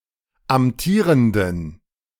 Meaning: inflection of amtierend: 1. strong genitive masculine/neuter singular 2. weak/mixed genitive/dative all-gender singular 3. strong/weak/mixed accusative masculine singular 4. strong dative plural
- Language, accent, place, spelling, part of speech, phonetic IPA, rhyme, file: German, Germany, Berlin, amtierenden, adjective, [amˈtiːʁəndn̩], -iːʁəndn̩, De-amtierenden.ogg